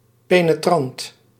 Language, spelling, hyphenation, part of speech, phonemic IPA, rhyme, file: Dutch, penetrant, pe‧ne‧trant, adjective, /ˌpeː.nəˈtrɑnt/, -ɑnt, Nl-penetrant.ogg
- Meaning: pungent, penetrating (of smells)